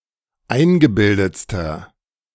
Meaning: inflection of eingebildet: 1. strong/mixed nominative masculine singular superlative degree 2. strong genitive/dative feminine singular superlative degree 3. strong genitive plural superlative degree
- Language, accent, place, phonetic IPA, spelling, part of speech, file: German, Germany, Berlin, [ˈaɪ̯nɡəˌbɪldət͡stɐ], eingebildetster, adjective, De-eingebildetster.ogg